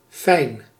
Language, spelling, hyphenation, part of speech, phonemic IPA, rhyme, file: Dutch, fijn, fijn, adjective, /fɛi̯n/, -ɛi̯n, Nl-fijn.ogg
- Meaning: 1. nice, pleasant 2. fine, thin 3. delicate, meticulous